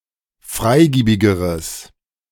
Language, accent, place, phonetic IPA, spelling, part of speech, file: German, Germany, Berlin, [ˈfʁaɪ̯ˌɡiːbɪɡəʁəs], freigiebigeres, adjective, De-freigiebigeres.ogg
- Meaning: strong/mixed nominative/accusative neuter singular comparative degree of freigiebig